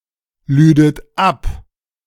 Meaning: second-person plural subjunctive II of abladen
- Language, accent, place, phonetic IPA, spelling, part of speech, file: German, Germany, Berlin, [ˌlyːdət ˈap], lüdet ab, verb, De-lüdet ab.ogg